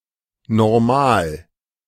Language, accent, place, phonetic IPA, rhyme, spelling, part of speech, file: German, Germany, Berlin, [nɔʁˈmaːl], -aːl, Normal, noun, De-Normal.ogg
- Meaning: standard, normal